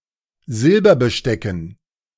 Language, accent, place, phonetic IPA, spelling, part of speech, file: German, Germany, Berlin, [ˈzɪlbɐbəˌʃtɛkn̩], Silberbestecken, noun, De-Silberbestecken.ogg
- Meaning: dative plural of Silberbesteck